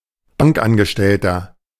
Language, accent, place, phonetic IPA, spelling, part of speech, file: German, Germany, Berlin, [ˈbaŋkˌʔanɡəʃtɛltɐ], Bankangestellter, noun, De-Bankangestellter.ogg
- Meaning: bank employee, bank assistant, bank clerk (male or of unspecified gender) (anyone who works at a bank)